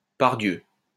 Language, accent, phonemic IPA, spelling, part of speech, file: French, France, /paʁ.djø/, pardieu, interjection, LL-Q150 (fra)-pardieu.wav
- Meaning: by God